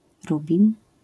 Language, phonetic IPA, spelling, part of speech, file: Polish, [ˈrubʲĩn], rubin, noun, LL-Q809 (pol)-rubin.wav